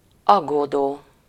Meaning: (verb) present participle of aggódik; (adjective) worried
- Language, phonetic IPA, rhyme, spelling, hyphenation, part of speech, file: Hungarian, [ˈɒɡːoːdoː], -doː, aggódó, ag‧gó‧dó, verb / adjective, Hu-aggódó.ogg